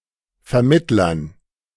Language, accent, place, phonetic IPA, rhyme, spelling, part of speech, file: German, Germany, Berlin, [fɛɐ̯ˈmɪtlɐn], -ɪtlɐn, Vermittlern, noun, De-Vermittlern.ogg
- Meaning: dative plural of Vermittler